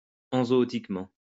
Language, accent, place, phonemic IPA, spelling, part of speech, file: French, France, Lyon, /ɑ̃.zɔ.ɔ.tik.mɑ̃/, enzootiquement, adverb, LL-Q150 (fra)-enzootiquement.wav
- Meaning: enzootically